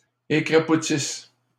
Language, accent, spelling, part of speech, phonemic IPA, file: French, Canada, écrapoutissent, verb, /e.kʁa.pu.tis/, LL-Q150 (fra)-écrapoutissent.wav
- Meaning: inflection of écrapoutir: 1. third-person plural present indicative/subjunctive 2. third-person plural imperfect subjunctive